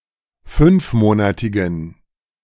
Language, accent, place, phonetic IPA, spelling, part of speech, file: German, Germany, Berlin, [ˈfʏnfˌmoːnatɪɡn̩], fünfmonatigen, adjective, De-fünfmonatigen.ogg
- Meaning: inflection of fünfmonatig: 1. strong genitive masculine/neuter singular 2. weak/mixed genitive/dative all-gender singular 3. strong/weak/mixed accusative masculine singular 4. strong dative plural